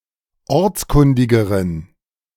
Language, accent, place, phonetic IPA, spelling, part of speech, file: German, Germany, Berlin, [ˈɔʁt͡sˌkʊndɪɡəʁən], ortskundigeren, adjective, De-ortskundigeren.ogg
- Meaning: inflection of ortskundig: 1. strong genitive masculine/neuter singular comparative degree 2. weak/mixed genitive/dative all-gender singular comparative degree